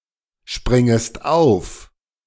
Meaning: second-person singular subjunctive I of aufspringen
- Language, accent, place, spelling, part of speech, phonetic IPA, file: German, Germany, Berlin, springest auf, verb, [ˌʃpʁɪŋəst ˈaʊ̯f], De-springest auf.ogg